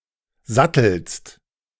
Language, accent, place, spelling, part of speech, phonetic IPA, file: German, Germany, Berlin, sattelst, verb, [ˈzatl̩st], De-sattelst.ogg
- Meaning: second-person singular present of satteln